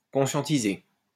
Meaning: to make aware, to sensitize
- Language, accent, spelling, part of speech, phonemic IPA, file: French, France, conscientiser, verb, /kɔ̃.sjɑ̃.ti.ze/, LL-Q150 (fra)-conscientiser.wav